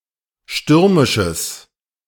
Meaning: strong/mixed nominative/accusative neuter singular of stürmisch
- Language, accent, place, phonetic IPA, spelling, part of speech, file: German, Germany, Berlin, [ˈʃtʏʁmɪʃəs], stürmisches, adjective, De-stürmisches.ogg